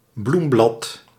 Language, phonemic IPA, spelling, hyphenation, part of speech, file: Dutch, /ˈblum.blɑt/, bloemblad, bloem‧blad, noun, Nl-bloemblad.ogg
- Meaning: (flower) petal